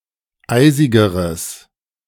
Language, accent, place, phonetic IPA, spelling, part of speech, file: German, Germany, Berlin, [ˈaɪ̯zɪɡəʁəs], eisigeres, adjective, De-eisigeres.ogg
- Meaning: strong/mixed nominative/accusative neuter singular comparative degree of eisig